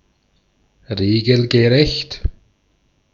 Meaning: legal, lawful, regulation
- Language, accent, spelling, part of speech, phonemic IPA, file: German, Austria, regelgerecht, adjective, /ˈʁeːɡl̩ɡəˌʁɛçt/, De-at-regelgerecht.ogg